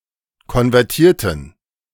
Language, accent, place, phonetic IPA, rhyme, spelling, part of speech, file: German, Germany, Berlin, [kɔnvɛʁˈtiːɐ̯tn̩], -iːɐ̯tn̩, konvertierten, adjective / verb, De-konvertierten.ogg
- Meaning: inflection of konvertieren: 1. first/third-person plural preterite 2. first/third-person plural subjunctive II